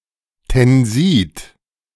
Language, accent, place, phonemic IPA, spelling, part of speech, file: German, Germany, Berlin, /tɛnˈziːt/, Tensid, noun, De-Tensid.ogg
- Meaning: surfactant, tenside